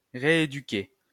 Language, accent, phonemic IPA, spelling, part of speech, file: French, France, /ʁe.e.dy.ke/, rééduquer, verb, LL-Q150 (fra)-rééduquer.wav
- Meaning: 1. to reeducate (educate again) 2. to reeducate (rehabilitate)